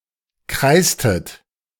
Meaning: inflection of kreisen: 1. second-person plural preterite 2. second-person plural subjunctive II
- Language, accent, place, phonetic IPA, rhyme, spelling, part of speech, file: German, Germany, Berlin, [ˈkʁaɪ̯stət], -aɪ̯stət, kreistet, verb, De-kreistet.ogg